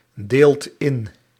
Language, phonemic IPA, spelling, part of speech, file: Dutch, /ˈdelt ˈɪn/, deelt in, verb, Nl-deelt in.ogg
- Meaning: inflection of indelen: 1. second/third-person singular present indicative 2. plural imperative